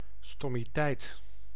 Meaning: 1. a stupidity, a stupid action 2. stupidity, the quality of being stupid
- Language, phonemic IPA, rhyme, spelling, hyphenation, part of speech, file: Dutch, /ˌstɔ.miˈtɛi̯t/, -ɛi̯t, stommiteit, stom‧mi‧teit, noun, Nl-stommiteit.ogg